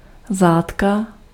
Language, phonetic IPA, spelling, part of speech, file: Czech, [ˈzaːtka], zátka, noun, Cs-zátka.ogg
- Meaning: cork (bottle stopper)